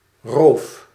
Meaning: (noun) robbery, robbing, banditry, rapine; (verb) inflection of roven: 1. first-person singular present indicative 2. second-person singular present indicative 3. imperative; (noun) scab (on a wound)
- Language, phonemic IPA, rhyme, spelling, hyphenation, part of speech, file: Dutch, /roːf/, -oːf, roof, roof, noun / verb, Nl-roof.ogg